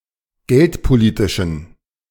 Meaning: inflection of geldpolitisch: 1. strong genitive masculine/neuter singular 2. weak/mixed genitive/dative all-gender singular 3. strong/weak/mixed accusative masculine singular 4. strong dative plural
- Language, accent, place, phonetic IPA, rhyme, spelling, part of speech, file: German, Germany, Berlin, [ˈɡɛltpoˌliːtɪʃn̩], -ɛltpoliːtɪʃn̩, geldpolitischen, adjective, De-geldpolitischen.ogg